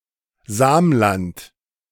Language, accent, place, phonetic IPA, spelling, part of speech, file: German, Germany, Berlin, [ˈzaːmˌlant], Samland, proper noun, De-Samland.ogg
- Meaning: Samland